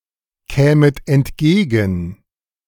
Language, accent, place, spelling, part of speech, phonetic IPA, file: German, Germany, Berlin, kämet entgegen, verb, [ˌkɛːmət ɛntˈɡeːɡn̩], De-kämet entgegen.ogg
- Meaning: second-person plural subjunctive II of entgegenkommen